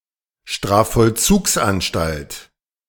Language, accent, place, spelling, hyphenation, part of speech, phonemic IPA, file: German, Germany, Berlin, Strafvollzugsanstalt, Straf‧voll‧zugs‧an‧stalt, noun, /ˌʃtraː(f).fɔlˈt͡suːks.(ʔ)anˌʃtalt/, De-Strafvollzugsanstalt.ogg
- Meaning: penitentiary, correctional facility (prison, jail)